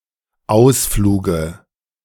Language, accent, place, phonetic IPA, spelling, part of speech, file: German, Germany, Berlin, [ˈaʊ̯sˌfluːɡə], Ausfluge, noun, De-Ausfluge.ogg
- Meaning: dative singular of Ausflug